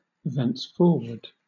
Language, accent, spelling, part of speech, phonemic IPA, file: English, Southern England, thenceforward, adverb, /ˌðɛnsˈfɔ(ɹ)wə(ɹ)d/, LL-Q1860 (eng)-thenceforward.wav
- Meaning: From then on; from that time on